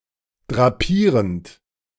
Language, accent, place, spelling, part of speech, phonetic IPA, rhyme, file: German, Germany, Berlin, drapierend, verb, [dʁaˈpiːʁənt], -iːʁənt, De-drapierend.ogg
- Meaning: present participle of drapieren